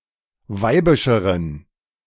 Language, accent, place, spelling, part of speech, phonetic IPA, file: German, Germany, Berlin, weibischeren, adjective, [ˈvaɪ̯bɪʃəʁən], De-weibischeren.ogg
- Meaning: inflection of weibisch: 1. strong genitive masculine/neuter singular comparative degree 2. weak/mixed genitive/dative all-gender singular comparative degree